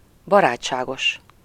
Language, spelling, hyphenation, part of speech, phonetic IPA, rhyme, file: Hungarian, barátságos, ba‧rát‧sá‧gos, adjective, [ˈbɒraːt͡ʃːaːɡoʃ], -oʃ, Hu-barátságos.ogg
- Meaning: friendly